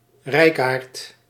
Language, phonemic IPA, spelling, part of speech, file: Dutch, /ˈrɛi̯kaːrt/, rijkaard, noun, Nl-rijkaard.ogg
- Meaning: a rich, wealthy man